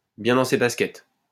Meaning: comfortable in one's own skin, comfortable with who one is, comfortable with oneself, feeling good about oneself, well-adjusted, together
- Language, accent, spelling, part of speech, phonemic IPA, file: French, France, bien dans ses baskets, adjective, /bjɛ̃ dɑ̃ se bas.kɛt/, LL-Q150 (fra)-bien dans ses baskets.wav